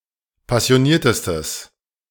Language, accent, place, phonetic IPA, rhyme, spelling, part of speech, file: German, Germany, Berlin, [pasi̯oˈniːɐ̯təstəs], -iːɐ̯təstəs, passioniertestes, adjective, De-passioniertestes.ogg
- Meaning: strong/mixed nominative/accusative neuter singular superlative degree of passioniert